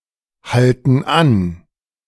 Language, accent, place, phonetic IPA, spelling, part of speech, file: German, Germany, Berlin, [ˌhaltn̩ ˈan], halten an, verb, De-halten an.ogg
- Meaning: inflection of anhalten: 1. first/third-person plural present 2. first/third-person plural subjunctive I